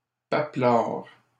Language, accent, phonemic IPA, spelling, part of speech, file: French, Canada, /pa.plaʁ/, papelards, adjective, LL-Q150 (fra)-papelards.wav
- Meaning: masculine plural of papelard